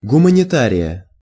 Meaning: genitive/accusative singular of гуманита́рий (gumanitárij)
- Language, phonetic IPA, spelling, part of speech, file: Russian, [ɡʊmənʲɪˈtarʲɪjə], гуманитария, noun, Ru-гуманитария.ogg